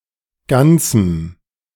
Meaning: strong dative masculine/neuter singular of ganz
- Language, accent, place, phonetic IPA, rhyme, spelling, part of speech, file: German, Germany, Berlin, [ˈɡant͡sm̩], -ant͡sm̩, ganzem, adjective, De-ganzem.ogg